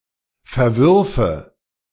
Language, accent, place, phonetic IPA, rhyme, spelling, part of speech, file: German, Germany, Berlin, [fɛɐ̯ˈvʏʁfə], -ʏʁfə, verwürfe, verb, De-verwürfe.ogg
- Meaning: first/third-person singular subjunctive II of verwerfen